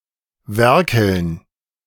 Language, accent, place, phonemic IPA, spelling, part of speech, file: German, Germany, Berlin, /ˈvɛʁkəln/, werkeln, verb, De-werkeln.ogg
- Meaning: 1. to do handicraft as an unskilled person, especially woodwork 2. to do work of any kind in a leisurely and/or improper manner 3. to be busy, to work, to potter about